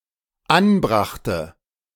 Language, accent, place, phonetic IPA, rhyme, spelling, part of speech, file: German, Germany, Berlin, [ˈanˌbʁaxtə], -anbʁaxtə, anbrachte, verb, De-anbrachte.ogg
- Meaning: first/third-person singular dependent preterite of anbringen